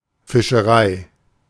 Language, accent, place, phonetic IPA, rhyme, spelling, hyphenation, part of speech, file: German, Germany, Berlin, [fɪʃəˈʁaɪ̯], -aɪ̯, Fischerei, Fi‧sche‧rei, noun, De-Fischerei.ogg
- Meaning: a fishery, a commercial fishing operation or company